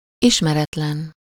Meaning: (adjective) 1. unknown 2. strange, unfamiliar (to someone: számára; not yet part of one’s experience); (noun) stranger (a person whom one does not know)
- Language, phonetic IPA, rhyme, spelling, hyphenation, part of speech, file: Hungarian, [ˈiʃmɛrɛtlɛn], -ɛn, ismeretlen, is‧me‧ret‧len, adjective / noun, Hu-ismeretlen.ogg